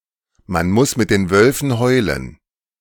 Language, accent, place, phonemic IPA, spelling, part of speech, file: German, Germany, Berlin, /man ˈmʊs mɪt den ˈvœlfən ˈhɔʏ̯lən/, man muss mit den Wölfen heulen, proverb, De-man muss mit den Wölfen heulen.ogg
- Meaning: Behave as those around do, so as to not get into trouble; when in Rome, do as the Romans do